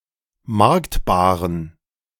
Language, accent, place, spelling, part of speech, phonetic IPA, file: German, Germany, Berlin, marktbaren, adjective, [ˈmaʁktbaːʁən], De-marktbaren.ogg
- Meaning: inflection of marktbar: 1. strong genitive masculine/neuter singular 2. weak/mixed genitive/dative all-gender singular 3. strong/weak/mixed accusative masculine singular 4. strong dative plural